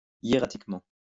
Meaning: 1. hieratically 2. solemnly, ritually
- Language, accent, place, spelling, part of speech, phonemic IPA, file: French, France, Lyon, hiératiquement, adverb, /je.ʁa.tik.mɑ̃/, LL-Q150 (fra)-hiératiquement.wav